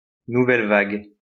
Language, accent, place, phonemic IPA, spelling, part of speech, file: French, France, Lyon, /nu.vɛl vaɡ/, nouvelle vague, noun, LL-Q150 (fra)-nouvelle vague.wav
- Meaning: new wave, nouvelle vague